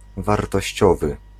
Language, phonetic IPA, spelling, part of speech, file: Polish, [ˌvartɔɕˈt͡ɕɔvɨ], wartościowy, adjective, Pl-wartościowy.ogg